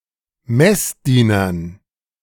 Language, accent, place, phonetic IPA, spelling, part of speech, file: German, Germany, Berlin, [ˈmɛsˌdiːnɐn], Messdienern, noun, De-Messdienern.ogg
- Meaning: dative plural of Messdiener